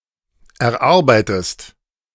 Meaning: inflection of erarbeiten: 1. second-person singular present 2. second-person singular subjunctive I
- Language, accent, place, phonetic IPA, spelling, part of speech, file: German, Germany, Berlin, [ɛɐ̯ˈʔaʁbaɪ̯təst], erarbeitest, verb, De-erarbeitest.ogg